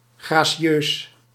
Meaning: elegant, graceful
- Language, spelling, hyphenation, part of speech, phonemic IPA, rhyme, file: Dutch, gracieus, gra‧ci‧eus, adjective, /ˌɣraː.siˈøːs/, -øːs, Nl-gracieus.ogg